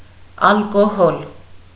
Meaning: 1. alcohol 2. alcohol (intoxicating beverage)
- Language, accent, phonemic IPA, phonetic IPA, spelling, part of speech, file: Armenian, Eastern Armenian, /ɑlkoˈhol/, [ɑlkohól], ալկոհոլ, noun, Hy-ալկոհոլ.ogg